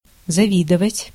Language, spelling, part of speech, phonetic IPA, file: Russian, завидовать, verb, [zɐˈvʲidəvətʲ], Ru-завидовать.ogg
- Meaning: to envy, to be envious of